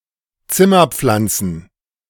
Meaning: plural of Zimmerpflanze
- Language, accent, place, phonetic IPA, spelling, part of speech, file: German, Germany, Berlin, [ˈt͡sɪmɐˌp͡flant͡sn̩], Zimmerpflanzen, noun, De-Zimmerpflanzen.ogg